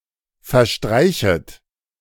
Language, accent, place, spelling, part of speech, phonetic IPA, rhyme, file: German, Germany, Berlin, verstreichet, verb, [fɛɐ̯ˈʃtʁaɪ̯çət], -aɪ̯çət, De-verstreichet.ogg
- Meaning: second-person plural subjunctive I of verstreichen